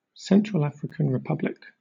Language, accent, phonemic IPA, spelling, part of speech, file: English, Southern England, /ˈsɛntɹəl ˈæfɹɪkən ɹɪˈpʌblɪk/, Central African Republic, proper noun, LL-Q1860 (eng)-Central African Republic.wav
- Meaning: A country in Central Africa. Capital and largest city: Bangui. Formerly called Ubangi-Shari